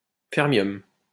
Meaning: fermium
- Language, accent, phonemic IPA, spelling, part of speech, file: French, France, /fɛʁ.mjɔm/, fermium, noun, LL-Q150 (fra)-fermium.wav